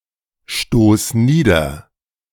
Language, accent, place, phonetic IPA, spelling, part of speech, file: German, Germany, Berlin, [ˌʃtoːs ˈniːdɐ], stoß nieder, verb, De-stoß nieder.ogg
- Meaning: singular imperative of niederstoßen